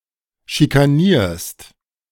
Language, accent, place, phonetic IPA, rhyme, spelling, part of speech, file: German, Germany, Berlin, [ʃikaˈniːɐ̯st], -iːɐ̯st, schikanierst, verb, De-schikanierst.ogg
- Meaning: second-person singular present of schikanieren